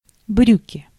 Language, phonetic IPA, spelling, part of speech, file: Russian, [ˈbrʲʉkʲɪ], брюки, noun, Ru-брюки.ogg
- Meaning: pants, trousers